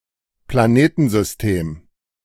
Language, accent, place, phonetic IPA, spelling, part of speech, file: German, Germany, Berlin, [plaˈneːtn̩zʏsˌteːm], Planetensystem, noun, De-Planetensystem.ogg
- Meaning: planetary system